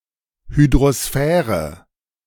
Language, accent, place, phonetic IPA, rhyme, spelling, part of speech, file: German, Germany, Berlin, [hydʁoˈsfɛːʁə], -ɛːʁə, Hydrosphäre, noun, De-Hydrosphäre.ogg
- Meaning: hydrosphere